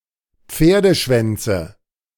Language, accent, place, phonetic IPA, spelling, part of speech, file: German, Germany, Berlin, [ˈp͡feːɐ̯dəˌʃvɛnt͡sə], Pferdeschwänze, noun, De-Pferdeschwänze.ogg
- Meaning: nominative/accusative/genitive plural of Pferdeschwanz